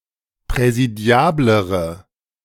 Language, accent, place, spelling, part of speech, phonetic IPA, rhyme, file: German, Germany, Berlin, präsidiablere, adjective, [pʁɛziˈdi̯aːbləʁə], -aːbləʁə, De-präsidiablere.ogg
- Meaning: inflection of präsidiabel: 1. strong/mixed nominative/accusative feminine singular comparative degree 2. strong nominative/accusative plural comparative degree